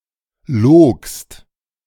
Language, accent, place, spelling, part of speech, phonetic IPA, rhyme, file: German, Germany, Berlin, logst, verb, [loːkst], -oːkst, De-logst.ogg
- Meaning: second-person singular preterite of lügen